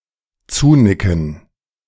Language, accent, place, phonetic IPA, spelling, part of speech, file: German, Germany, Berlin, [ˈt͡suːˌnɪkn̩], zunicken, verb, De-zunicken.ogg
- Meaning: to nod (to or at)